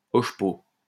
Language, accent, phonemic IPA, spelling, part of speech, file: French, France, /ɔʃ.po/, hochepot, noun, LL-Q150 (fra)-hochepot.wav
- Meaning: hodgepodge